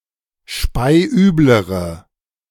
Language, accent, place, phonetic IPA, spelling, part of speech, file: German, Germany, Berlin, [ˈʃpaɪ̯ˈʔyːbləʁə], speiüblere, adjective, De-speiüblere.ogg
- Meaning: inflection of speiübel: 1. strong/mixed nominative/accusative feminine singular comparative degree 2. strong nominative/accusative plural comparative degree